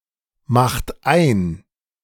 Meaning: inflection of einmachen: 1. second-person plural present 2. third-person singular present 3. plural imperative
- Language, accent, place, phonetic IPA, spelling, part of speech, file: German, Germany, Berlin, [ˌmaxt ˈaɪ̯n], macht ein, verb, De-macht ein.ogg